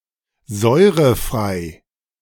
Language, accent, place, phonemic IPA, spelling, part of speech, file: German, Germany, Berlin, /ˈzɔɪ̯ʁəˌfʁaɪ̯/, säurefrei, adjective, De-säurefrei.ogg
- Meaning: acid-free